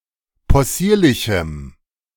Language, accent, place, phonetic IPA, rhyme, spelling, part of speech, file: German, Germany, Berlin, [pɔˈsiːɐ̯lɪçm̩], -iːɐ̯lɪçm̩, possierlichem, adjective, De-possierlichem.ogg
- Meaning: strong dative masculine/neuter singular of possierlich